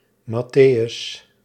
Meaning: 1. Matthew, the apostle and several minor figures 2. ellipsis of evangelie naar Matteüs (“the Gospel of Matthew”)
- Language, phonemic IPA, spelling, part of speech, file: Dutch, /mɑˈtejʏs/, Matteüs, proper noun, Nl-Matteüs.ogg